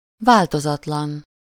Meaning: unchanged, unchanging, unaltered, constant
- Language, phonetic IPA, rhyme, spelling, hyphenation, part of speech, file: Hungarian, [ˈvaːltozɒtlɒn], -ɒn, változatlan, vál‧to‧zat‧lan, adjective, Hu-változatlan.ogg